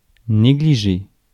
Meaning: 1. to neglect 2. to ignore (a detail)
- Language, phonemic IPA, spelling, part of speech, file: French, /ne.ɡli.ʒe/, négliger, verb, Fr-négliger.ogg